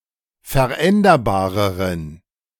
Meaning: inflection of veränderbar: 1. strong genitive masculine/neuter singular comparative degree 2. weak/mixed genitive/dative all-gender singular comparative degree
- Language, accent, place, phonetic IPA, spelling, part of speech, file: German, Germany, Berlin, [fɛɐ̯ˈʔɛndɐbaːʁəʁən], veränderbareren, adjective, De-veränderbareren.ogg